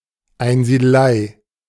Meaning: hermitage
- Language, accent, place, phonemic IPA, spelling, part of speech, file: German, Germany, Berlin, /aɪ̯nziːdəˈlaɪ̯/, Einsiedelei, noun, De-Einsiedelei.ogg